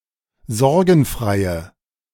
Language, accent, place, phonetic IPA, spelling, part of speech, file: German, Germany, Berlin, [ˈzɔʁɡn̩ˌfʁaɪ̯ə], sorgenfreie, adjective, De-sorgenfreie.ogg
- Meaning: inflection of sorgenfrei: 1. strong/mixed nominative/accusative feminine singular 2. strong nominative/accusative plural 3. weak nominative all-gender singular